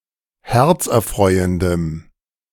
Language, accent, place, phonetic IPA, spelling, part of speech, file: German, Germany, Berlin, [ˈhɛʁt͡sʔɛɐ̯ˌfʁɔɪ̯əndəm], herzerfreuendem, adjective, De-herzerfreuendem.ogg
- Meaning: strong dative masculine/neuter singular of herzerfreuend